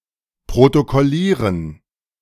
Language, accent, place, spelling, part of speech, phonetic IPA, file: German, Germany, Berlin, protokollieren, verb, [pʁotokɔˈliːʁən], De-protokollieren.ogg
- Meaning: to record, to protocol, to take minutes of, to log